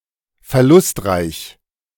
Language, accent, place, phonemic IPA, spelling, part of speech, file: German, Germany, Berlin, /fɛɐ̯ˈlʊstˌʁaɪ̯ç/, verlustreich, adjective, De-verlustreich.ogg
- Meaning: lost (relating to financial or military loss)